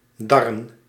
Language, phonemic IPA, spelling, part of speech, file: Dutch, /ˈdɑrə(n)/, darren, noun, Nl-darren.ogg
- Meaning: plural of dar